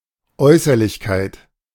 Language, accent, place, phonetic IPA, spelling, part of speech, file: German, Germany, Berlin, [ˈɔɪ̯sɐlɪçkaɪ̯t], Äußerlichkeit, noun, De-Äußerlichkeit.ogg
- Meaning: 1. outwardness 2. formality 3. superficiality